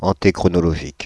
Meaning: alternative form of antichronologique
- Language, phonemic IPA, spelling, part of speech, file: French, /ɑ̃.te.kʁɔ.nɔ.lɔ.ʒik/, antéchronologique, adjective, Fr-antéchronologique.ogg